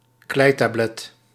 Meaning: clay tablet (writing medium made of clay used in Mesopotamia and nearby regions)
- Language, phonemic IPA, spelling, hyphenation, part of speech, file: Dutch, /ˈklɛi̯.taːˌblɛt/, kleitablet, klei‧tablet, noun, Nl-kleitablet.ogg